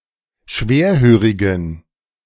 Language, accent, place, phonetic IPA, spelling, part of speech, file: German, Germany, Berlin, [ˈʃveːɐ̯ˌhøːʁɪɡn̩], schwerhörigen, adjective, De-schwerhörigen.ogg
- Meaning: inflection of schwerhörig: 1. strong genitive masculine/neuter singular 2. weak/mixed genitive/dative all-gender singular 3. strong/weak/mixed accusative masculine singular 4. strong dative plural